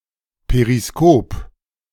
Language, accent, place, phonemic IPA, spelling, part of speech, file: German, Germany, Berlin, /peʁiˈskoːp/, Periskop, noun, De-Periskop.ogg
- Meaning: periscope